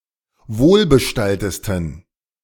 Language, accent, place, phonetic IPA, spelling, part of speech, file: German, Germany, Berlin, [ˈvoːlbəˌʃtaltəstn̩], wohlbestalltesten, adjective, De-wohlbestalltesten.ogg
- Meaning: 1. superlative degree of wohlbestallt 2. inflection of wohlbestallt: strong genitive masculine/neuter singular superlative degree